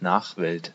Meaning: posterity (all the future generations)
- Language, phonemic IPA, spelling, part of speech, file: German, /ˈnaːχˌvɛlt/, Nachwelt, noun, De-Nachwelt.ogg